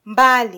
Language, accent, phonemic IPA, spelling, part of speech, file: Swahili, Kenya, /ˈᵐbɑ.li/, mbali, adverb, Sw-ke-mbali.flac
- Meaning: 1. far off; distant; apart 2. differently; in varied ways 3. utterly; completely